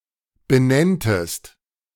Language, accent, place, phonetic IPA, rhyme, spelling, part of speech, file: German, Germany, Berlin, [bəˈnɛntəst], -ɛntəst, benenntest, verb, De-benenntest.ogg
- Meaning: second-person singular subjunctive II of benennen